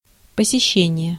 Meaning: 1. visit, call 2. attendance
- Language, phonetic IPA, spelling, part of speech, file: Russian, [pəsʲɪˈɕːenʲɪje], посещение, noun, Ru-посещение.ogg